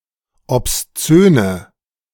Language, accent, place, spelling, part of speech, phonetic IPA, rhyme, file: German, Germany, Berlin, obszöne, adjective, [ɔpsˈt͡søːnə], -øːnə, De-obszöne.ogg
- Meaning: inflection of obszön: 1. strong/mixed nominative/accusative feminine singular 2. strong nominative/accusative plural 3. weak nominative all-gender singular 4. weak accusative feminine/neuter singular